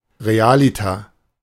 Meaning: really, in fact
- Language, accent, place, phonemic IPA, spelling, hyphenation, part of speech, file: German, Germany, Berlin, /ʁeˈaːlɪtɐ/, realiter, re‧a‧li‧ter, adverb, De-realiter.ogg